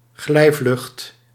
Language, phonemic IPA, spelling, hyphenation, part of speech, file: Dutch, /ˈɣlɛi̯.vlʏxt/, glijvlucht, glij‧vlucht, noun, Nl-glijvlucht.ogg
- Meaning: a gliding flight